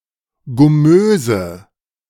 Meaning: inflection of gummös: 1. strong/mixed nominative/accusative feminine singular 2. strong nominative/accusative plural 3. weak nominative all-gender singular 4. weak accusative feminine/neuter singular
- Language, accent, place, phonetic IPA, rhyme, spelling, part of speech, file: German, Germany, Berlin, [ɡʊˈmøːzə], -øːzə, gummöse, adjective, De-gummöse.ogg